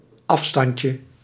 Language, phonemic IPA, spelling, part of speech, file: Dutch, /ˈɑfstɑncə/, afstandje, noun, Nl-afstandje.ogg
- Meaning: diminutive of afstand